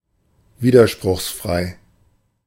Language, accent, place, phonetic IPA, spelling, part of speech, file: German, Germany, Berlin, [ˈviːdɐʃpʁʊxsˌfʁaɪ̯], widerspruchsfrei, adjective, De-widerspruchsfrei.ogg
- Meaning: consistent